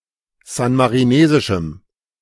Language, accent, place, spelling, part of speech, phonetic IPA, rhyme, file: German, Germany, Berlin, san-marinesischem, adjective, [ˌzanmaʁiˈneːzɪʃm̩], -eːzɪʃm̩, De-san-marinesischem.ogg
- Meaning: strong dative masculine/neuter singular of san-marinesisch